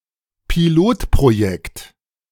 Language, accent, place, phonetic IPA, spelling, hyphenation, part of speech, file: German, Germany, Berlin, [piˈloːtpʁoˌjɛkt], Pilotprojekt, Pi‧lot‧pro‧jekt, noun, De-Pilotprojekt.ogg
- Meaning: pilot project or experiment